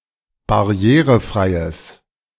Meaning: strong/mixed nominative/accusative neuter singular of barrierefrei
- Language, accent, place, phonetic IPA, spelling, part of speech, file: German, Germany, Berlin, [baˈʁi̯eːʁəˌfʁaɪ̯əs], barrierefreies, adjective, De-barrierefreies.ogg